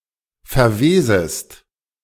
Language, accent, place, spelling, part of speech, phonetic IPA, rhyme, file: German, Germany, Berlin, verwesest, verb, [fɛɐ̯ˈveːzəst], -eːzəst, De-verwesest.ogg
- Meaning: second-person singular subjunctive I of verwesen